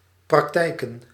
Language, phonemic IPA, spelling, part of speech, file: Dutch, /prɑkˈtɛikə(n)/, praktijken, noun, Nl-praktijken.ogg
- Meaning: plural of praktijk